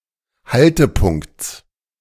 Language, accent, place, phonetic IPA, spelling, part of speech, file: German, Germany, Berlin, [ˈhaltəˌpʊŋkt͡s], Haltepunkts, noun, De-Haltepunkts.ogg
- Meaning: genitive singular of Haltepunkt